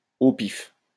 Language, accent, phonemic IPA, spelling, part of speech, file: French, France, /o pif/, au pif, adverb, LL-Q150 (fra)-au pif.wav
- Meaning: randomly, approximately